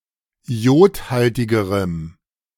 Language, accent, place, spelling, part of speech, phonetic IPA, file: German, Germany, Berlin, iodhaltigerem, adjective, [ˈi̯oːtˌhaltɪɡəʁəm], De-iodhaltigerem.ogg
- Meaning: strong dative masculine/neuter singular comparative degree of iodhaltig